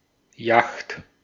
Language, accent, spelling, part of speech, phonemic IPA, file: German, Austria, Yacht, noun, /jaxt/, De-at-Yacht.ogg
- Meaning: alternative spelling of Jacht (now less common)